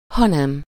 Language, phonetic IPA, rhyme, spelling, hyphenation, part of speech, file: Hungarian, [ˈhɒnɛm], -ɛm, hanem, ha‧nem, conjunction, Hu-hanem.ogg
- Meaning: but (instead); the preceding clause contains a negative statement and the following clause contains the correction needed to make it positive. See the example